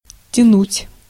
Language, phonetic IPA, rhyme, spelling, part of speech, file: Russian, [tʲɪˈnutʲ], -utʲ, тянуть, verb, Ru-тянуть.ogg
- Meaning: 1. to pull, to draw, to haul, to drag 2. to lay (a cable) 3. to draw (a wire) 4. to drawl, to drag out (speak slowly) 5. to drag out, to delay, to protract, to procrastinate